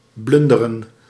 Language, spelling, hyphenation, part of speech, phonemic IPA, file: Dutch, blunderen, blun‧de‧ren, verb, /ˈblʏndərə(n)/, Nl-blunderen.ogg
- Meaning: to blunder, to make a mistake